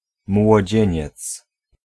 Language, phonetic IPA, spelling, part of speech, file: Polish, [mwɔˈd͡ʑɛ̇̃ɲɛt͡s], młodzieniec, noun, Pl-młodzieniec.ogg